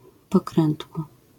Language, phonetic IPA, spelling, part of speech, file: Polish, [pɔˈkrɛ̃ntwɔ], pokrętło, noun, LL-Q809 (pol)-pokrętło.wav